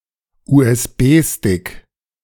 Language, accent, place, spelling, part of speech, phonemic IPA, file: German, Germany, Berlin, USB-Stick, noun, /uːʔɛsˈbeːˌstɪk/, De-USB-Stick.ogg
- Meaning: flash drive, thumb drive, USB drive, memory stick, pen drive